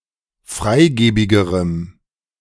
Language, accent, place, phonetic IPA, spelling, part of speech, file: German, Germany, Berlin, [ˈfʁaɪ̯ˌɡeːbɪɡəʁəm], freigebigerem, adjective, De-freigebigerem.ogg
- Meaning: strong dative masculine/neuter singular comparative degree of freigebig